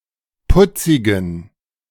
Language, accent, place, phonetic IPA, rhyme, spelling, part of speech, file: German, Germany, Berlin, [ˈpʊt͡sɪɡn̩], -ʊt͡sɪɡn̩, putzigen, adjective, De-putzigen.ogg
- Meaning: inflection of putzig: 1. strong genitive masculine/neuter singular 2. weak/mixed genitive/dative all-gender singular 3. strong/weak/mixed accusative masculine singular 4. strong dative plural